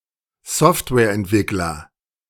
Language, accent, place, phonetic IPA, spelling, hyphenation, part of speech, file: German, Germany, Berlin, [ˈzɔftvɛːɐ̯ʔɛntˌvɪklɐ], Softwareentwickler, Soft‧ware‧ent‧wick‧ler, noun, De-Softwareentwickler.ogg
- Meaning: software developer